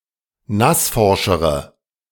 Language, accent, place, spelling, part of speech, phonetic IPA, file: German, Germany, Berlin, nassforschere, adjective, [ˈnasˌfɔʁʃəʁə], De-nassforschere.ogg
- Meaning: inflection of nassforsch: 1. strong/mixed nominative/accusative feminine singular comparative degree 2. strong nominative/accusative plural comparative degree